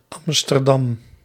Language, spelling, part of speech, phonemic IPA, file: Dutch, A'dam, proper noun, /ˈɑmstərˌdɑm/, Nl-A'dam.ogg
- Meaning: abbreviation of Amsterdam